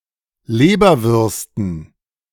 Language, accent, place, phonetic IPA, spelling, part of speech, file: German, Germany, Berlin, [ˈleːbɐvʏʁstn̩], Leberwürsten, noun, De-Leberwürsten.ogg
- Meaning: dative plural of Leberwurst